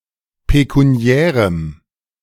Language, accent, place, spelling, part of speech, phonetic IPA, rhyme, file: German, Germany, Berlin, pekuniärem, adjective, [pekuˈni̯ɛːʁəm], -ɛːʁəm, De-pekuniärem.ogg
- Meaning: strong dative masculine/neuter singular of pekuniär